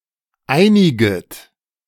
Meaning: second-person plural subjunctive I of einigen
- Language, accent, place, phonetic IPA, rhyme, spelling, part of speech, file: German, Germany, Berlin, [ˈaɪ̯nɪɡət], -aɪ̯nɪɡət, einiget, verb, De-einiget.ogg